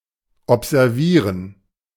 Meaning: 1. to keep someone or something under surveillance for any length of time (for a particular objective) 2. to observe (scientifically)
- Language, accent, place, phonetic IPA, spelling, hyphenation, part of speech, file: German, Germany, Berlin, [ˌʔɔpzɛʁˈviːʁən], observieren, ob‧ser‧vie‧ren, verb, De-observieren.ogg